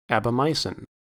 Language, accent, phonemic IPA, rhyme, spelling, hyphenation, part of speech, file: English, US, /ˌæb.oʊˈmaɪ.sɪn/, -aɪsɪn, aabomycin, aa‧bo‧my‧cin, noun, En-us-aabomycin.ogg
- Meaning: venturicidin